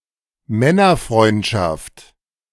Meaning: bromance, male friendship
- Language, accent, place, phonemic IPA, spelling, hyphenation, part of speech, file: German, Germany, Berlin, /ˈmɛnɐˌfʁɔɪ̯ntʃaft/, Männerfreundschaft, Män‧ner‧freund‧schaft, noun, De-Männerfreundschaft.ogg